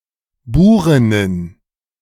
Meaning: plural of Burin
- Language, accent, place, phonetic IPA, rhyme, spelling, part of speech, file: German, Germany, Berlin, [ˈbuːʁɪnən], -uːʁɪnən, Burinnen, noun, De-Burinnen.ogg